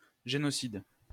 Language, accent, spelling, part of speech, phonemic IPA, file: French, France, génocide, noun, /ʒe.nɔ.sid/, LL-Q150 (fra)-génocide.wav
- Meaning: genocide